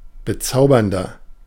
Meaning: 1. comparative degree of bezaubernd 2. inflection of bezaubernd: strong/mixed nominative masculine singular 3. inflection of bezaubernd: strong genitive/dative feminine singular
- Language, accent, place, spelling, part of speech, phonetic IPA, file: German, Germany, Berlin, bezaubernder, adjective, [bəˈt͡saʊ̯bɐndɐ], De-bezaubernder.ogg